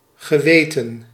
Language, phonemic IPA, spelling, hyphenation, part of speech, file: Dutch, /ɣəˈʋeː.tə(n)/, geweten, ge‧we‧ten, noun / verb, Nl-geweten.ogg
- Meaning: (noun) conscience; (verb) 1. past participle of weten 2. past participle of wijten